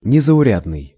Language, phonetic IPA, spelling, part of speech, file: Russian, [nʲɪzəʊˈrʲadnɨj], незаурядный, adjective, Ru-незаурядный.ogg
- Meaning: outstanding, extraordinary, out of the common